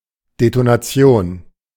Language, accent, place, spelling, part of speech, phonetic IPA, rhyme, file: German, Germany, Berlin, Detonation, noun, [detonaˈt͡si̯oːn], -oːn, De-Detonation.ogg
- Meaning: detonation